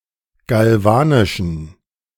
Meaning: inflection of galvanisch: 1. strong genitive masculine/neuter singular 2. weak/mixed genitive/dative all-gender singular 3. strong/weak/mixed accusative masculine singular 4. strong dative plural
- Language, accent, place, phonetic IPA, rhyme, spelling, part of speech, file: German, Germany, Berlin, [ɡalˈvaːnɪʃn̩], -aːnɪʃn̩, galvanischen, adjective, De-galvanischen.ogg